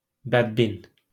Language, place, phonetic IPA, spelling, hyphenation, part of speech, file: Azerbaijani, Baku, [bædˈbin], bədbin, bəd‧bin, noun, LL-Q9292 (aze)-bədbin.wav
- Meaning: pessimist